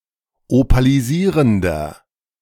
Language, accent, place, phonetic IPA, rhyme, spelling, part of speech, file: German, Germany, Berlin, [opaliˈziːʁəndɐ], -iːʁəndɐ, opalisierender, adjective, De-opalisierender.ogg
- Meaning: inflection of opalisierend: 1. strong/mixed nominative masculine singular 2. strong genitive/dative feminine singular 3. strong genitive plural